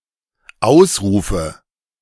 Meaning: nominative/accusative/genitive plural of Ausruf
- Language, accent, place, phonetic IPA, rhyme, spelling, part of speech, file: German, Germany, Berlin, [ˈaʊ̯sˌʁuːfə], -aʊ̯sʁuːfə, Ausrufe, noun, De-Ausrufe.ogg